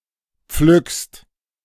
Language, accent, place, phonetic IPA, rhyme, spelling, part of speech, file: German, Germany, Berlin, [p͡flʏkst], -ʏkst, pflückst, verb, De-pflückst.ogg
- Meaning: second-person singular present of pflücken